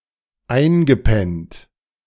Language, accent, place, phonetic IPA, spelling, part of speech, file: German, Germany, Berlin, [ˈaɪ̯nɡəˌpɛnt], eingepennt, verb, De-eingepennt.ogg
- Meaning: past participle of einpennen